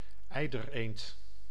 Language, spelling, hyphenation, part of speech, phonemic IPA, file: Dutch, eidereend, ei‧der‧eend, noun, /ˈɛi̯.dər.eːnt/, Nl-eidereend.ogg
- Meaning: 1. eider (Somateria mollissima, a duck species) 2. any closely related duck species also particularly prized for its down